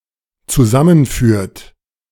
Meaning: inflection of zusammenführen: 1. third-person singular dependent present 2. second-person plural dependent present
- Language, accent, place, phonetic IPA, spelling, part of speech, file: German, Germany, Berlin, [t͡suˈzamənˌfyːɐ̯t], zusammenführt, verb, De-zusammenführt.ogg